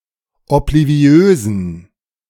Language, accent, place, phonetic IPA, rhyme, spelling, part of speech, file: German, Germany, Berlin, [ɔpliˈvi̯øːzn̩], -øːzn̩, obliviösen, adjective, De-obliviösen.ogg
- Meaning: inflection of obliviös: 1. strong genitive masculine/neuter singular 2. weak/mixed genitive/dative all-gender singular 3. strong/weak/mixed accusative masculine singular 4. strong dative plural